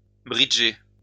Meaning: to play bridge (the card game)
- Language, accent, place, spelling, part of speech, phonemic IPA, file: French, France, Lyon, bridger, verb, /bʁi.dʒe/, LL-Q150 (fra)-bridger.wav